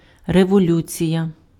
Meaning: revolution
- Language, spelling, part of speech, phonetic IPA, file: Ukrainian, революція, noun, [rewoˈlʲut͡sʲijɐ], Uk-революція.ogg